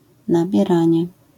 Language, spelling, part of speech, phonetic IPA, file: Polish, nabieranie, noun, [ˌnabʲjɛˈrãɲɛ], LL-Q809 (pol)-nabieranie.wav